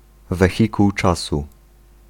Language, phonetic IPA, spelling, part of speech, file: Polish, [vɛˈxʲikuw ˈt͡ʃasu], wehikuł czasu, noun, Pl-wehikuł czasu.ogg